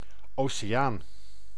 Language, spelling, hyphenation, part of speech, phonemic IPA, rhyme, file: Dutch, oceaan, oce‧aan, noun, /ˌoː.seːˈjaːn/, -aːn, Nl-oceaan.ogg
- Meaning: ocean